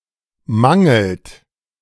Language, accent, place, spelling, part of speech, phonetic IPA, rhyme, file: German, Germany, Berlin, mangelt, verb, [ˈmaŋl̩t], -aŋl̩t, De-mangelt.ogg
- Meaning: inflection of mangeln: 1. third-person singular present 2. second-person plural present 3. plural imperative